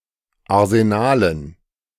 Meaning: dative plural of Arsenal
- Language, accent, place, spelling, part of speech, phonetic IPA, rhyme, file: German, Germany, Berlin, Arsenalen, noun, [aʁzeˈnaːlən], -aːlən, De-Arsenalen.ogg